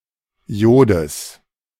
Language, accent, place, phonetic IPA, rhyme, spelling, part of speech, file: German, Germany, Berlin, [ˈjoːdəs], -oːdəs, Jodes, noun, De-Jodes.ogg
- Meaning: genitive singular of Jod